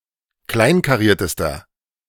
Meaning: inflection of kleinkariert: 1. strong/mixed nominative masculine singular superlative degree 2. strong genitive/dative feminine singular superlative degree 3. strong genitive plural superlative degree
- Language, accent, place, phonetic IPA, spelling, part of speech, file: German, Germany, Berlin, [ˈklaɪ̯nkaˌʁiːɐ̯təstɐ], kleinkariertester, adjective, De-kleinkariertester.ogg